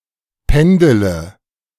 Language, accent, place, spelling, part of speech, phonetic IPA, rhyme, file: German, Germany, Berlin, pendele, verb, [ˈpɛndələ], -ɛndələ, De-pendele.ogg
- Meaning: inflection of pendeln: 1. first-person singular present 2. singular imperative 3. first/third-person singular subjunctive I